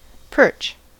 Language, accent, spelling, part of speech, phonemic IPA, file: English, US, perch, noun / verb, /pɝt͡ʃ/, En-us-perch.ogg
- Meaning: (noun) 1. Any of the three species of spiny-finned freshwater fish in the genus Perca 2. Any of the about 200 related species of fish in the taxonomic family Percidae, especially: Acanthopagrus berda